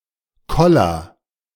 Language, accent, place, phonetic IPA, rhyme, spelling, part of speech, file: German, Germany, Berlin, [ˈkɔlɐ], -ɔlɐ, koller, verb, De-koller.ogg
- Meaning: inflection of kollern: 1. first-person singular present 2. singular imperative